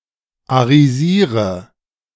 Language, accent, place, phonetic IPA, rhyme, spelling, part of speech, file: German, Germany, Berlin, [aʁiˈziːʁə], -iːʁə, arisiere, verb, De-arisiere.ogg
- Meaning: inflection of arisieren: 1. first-person singular present 2. first/third-person singular subjunctive I 3. singular imperative